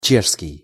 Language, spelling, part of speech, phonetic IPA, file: Russian, чешский, noun / adjective, [ˈt͡ɕeʂskʲɪj], Ru-чешский.ogg
- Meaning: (noun) Czech language; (adjective) Czech